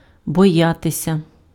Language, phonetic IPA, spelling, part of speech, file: Ukrainian, [bɔˈjatesʲɐ], боятися, verb, Uk-боятися.ogg
- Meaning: to fear, to be afraid